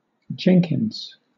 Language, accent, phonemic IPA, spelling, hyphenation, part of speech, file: English, Southern England, /ˈd͡ʒɛŋkɪnz/, Jenkins, Jen‧kins, proper noun / noun, LL-Q1860 (eng)-Jenkins.wav
- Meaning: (proper noun) 1. A surname originating as a patronymic of Cornish and in English ("mainly of Devon") origin 2. A city in Kentucky 3. A city in Minnesota; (noun) A flatterer or sycophant